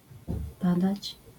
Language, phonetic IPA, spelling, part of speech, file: Polish, [ˈpadat͡ɕ], padać, verb, LL-Q809 (pol)-padać.wav